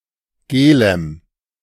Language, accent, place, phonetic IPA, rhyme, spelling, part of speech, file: German, Germany, Berlin, [ˈɡeːləm], -eːləm, gelem, adjective, De-gelem.ogg
- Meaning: strong dative masculine/neuter singular of gel